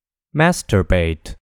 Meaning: To stimulate oneself sexually, especially by use of one’s hand or a sex toy made for this purpose, often to the point of ejaculation or orgasm
- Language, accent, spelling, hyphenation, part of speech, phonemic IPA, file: English, General American, masturbate, mas‧tur‧bate, verb, /ˈmæs.tɚ.beɪt/, En-us-masturbate.oga